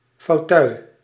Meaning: armchair
- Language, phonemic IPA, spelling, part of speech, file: Dutch, /foːˈtœy̯/, fauteuil, noun, Nl-fauteuil.ogg